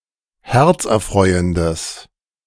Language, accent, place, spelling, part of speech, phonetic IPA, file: German, Germany, Berlin, herzerfreuendes, adjective, [ˈhɛʁt͡sʔɛɐ̯ˌfʁɔɪ̯əndəs], De-herzerfreuendes.ogg
- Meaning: strong/mixed nominative/accusative neuter singular of herzerfreuend